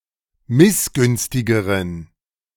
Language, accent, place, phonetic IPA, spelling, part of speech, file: German, Germany, Berlin, [ˈmɪsˌɡʏnstɪɡəʁən], missgünstigeren, adjective, De-missgünstigeren.ogg
- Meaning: inflection of missgünstig: 1. strong genitive masculine/neuter singular comparative degree 2. weak/mixed genitive/dative all-gender singular comparative degree